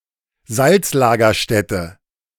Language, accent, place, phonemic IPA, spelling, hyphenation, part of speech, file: German, Germany, Berlin, /ˈzalt͡sˌlaːɡɐʃtɛtə/, Salzlagerstätte, Salz‧la‧ger‧stät‧te, noun, De-Salzlagerstätte.ogg
- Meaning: salt deposit